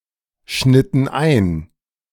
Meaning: inflection of einschneiden: 1. first/third-person plural preterite 2. first/third-person plural subjunctive II
- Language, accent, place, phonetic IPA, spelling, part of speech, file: German, Germany, Berlin, [ˌʃnɪtn̩ ˈaɪ̯n], schnitten ein, verb, De-schnitten ein.ogg